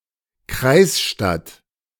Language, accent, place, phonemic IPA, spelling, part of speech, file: German, Germany, Berlin, /ˈkʁaɪ̯sˌʃtat/, Kreisstadt, noun, De-Kreisstadt.ogg
- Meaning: county seat, county town